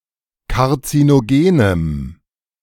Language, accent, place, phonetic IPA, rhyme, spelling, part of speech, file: German, Germany, Berlin, [kaʁt͡sinoˈɡeːnəm], -eːnəm, karzinogenem, adjective, De-karzinogenem.ogg
- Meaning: strong dative masculine/neuter singular of karzinogen